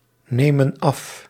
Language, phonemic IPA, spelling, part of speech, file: Dutch, /ˈnemə(n) ˈɑf/, nemen af, verb, Nl-nemen af.ogg
- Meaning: inflection of afnemen: 1. plural present indicative 2. plural present subjunctive